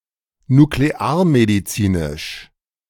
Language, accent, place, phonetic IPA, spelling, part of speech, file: German, Germany, Berlin, [nukleˈaːɐ̯mediˌt͡siːnɪʃ], nuklearmedizinisch, adjective, De-nuklearmedizinisch.ogg
- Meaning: nuclear medicine